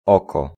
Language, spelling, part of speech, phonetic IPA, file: Polish, oko, noun, [ˈɔkɔ], Pl-oko.ogg